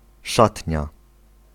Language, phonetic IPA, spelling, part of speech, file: Polish, [ˈʃatʲɲa], szatnia, noun, Pl-szatnia.ogg